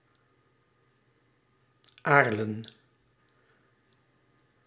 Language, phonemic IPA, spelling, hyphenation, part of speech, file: Dutch, /ˈaːr.lə(n)/, Aarlen, Aar‧len, proper noun, Nl-Aarlen.ogg
- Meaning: Arlon